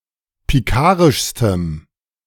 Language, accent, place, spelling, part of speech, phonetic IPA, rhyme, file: German, Germany, Berlin, pikarischstem, adjective, [piˈkaːʁɪʃstəm], -aːʁɪʃstəm, De-pikarischstem.ogg
- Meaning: strong dative masculine/neuter singular superlative degree of pikarisch